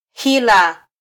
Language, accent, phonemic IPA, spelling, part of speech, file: Swahili, Kenya, /ˈhi.lɑ/, hila, noun, Sw-ke-hila.flac
- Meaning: 1. deceit 2. trick